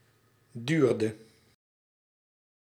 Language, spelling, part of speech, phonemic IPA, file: Dutch, duurde, verb, /ˈdyrdə/, Nl-duurde.ogg
- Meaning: inflection of duren: 1. singular past indicative 2. singular past subjunctive